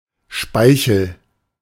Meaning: saliva
- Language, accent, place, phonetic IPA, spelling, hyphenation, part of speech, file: German, Germany, Berlin, [ˈʃpaɪ̯çl̩], Speichel, Spei‧chel, noun, De-Speichel.ogg